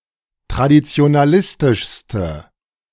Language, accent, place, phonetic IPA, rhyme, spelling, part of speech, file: German, Germany, Berlin, [tʁadit͡si̯onaˈlɪstɪʃstə], -ɪstɪʃstə, traditionalistischste, adjective, De-traditionalistischste.ogg
- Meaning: inflection of traditionalistisch: 1. strong/mixed nominative/accusative feminine singular superlative degree 2. strong nominative/accusative plural superlative degree